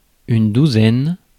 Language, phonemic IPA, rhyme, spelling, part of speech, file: French, /du.zɛn/, -ɛn, douzaine, noun, Fr-douzaine.ogg
- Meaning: 1. twelve; dozen 2. about twelve